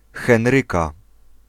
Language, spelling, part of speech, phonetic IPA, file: Polish, Henryka, proper noun / noun, [xɛ̃nˈrɨka], Pl-Henryka.ogg